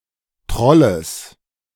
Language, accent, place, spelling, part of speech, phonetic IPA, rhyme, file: German, Germany, Berlin, Trolles, noun, [ˈtʁɔləs], -ɔləs, De-Trolles.ogg
- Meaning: genitive singular of Troll